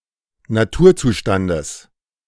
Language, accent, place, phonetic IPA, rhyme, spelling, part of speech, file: German, Germany, Berlin, [naˈtuːɐ̯ˌt͡suːʃtandəs], -uːɐ̯t͡suːʃtandəs, Naturzustandes, noun, De-Naturzustandes.ogg
- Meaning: genitive of Naturzustand